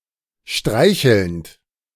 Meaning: present participle of streicheln
- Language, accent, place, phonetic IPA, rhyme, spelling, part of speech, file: German, Germany, Berlin, [ˈʃtʁaɪ̯çl̩nt], -aɪ̯çl̩nt, streichelnd, verb, De-streichelnd.ogg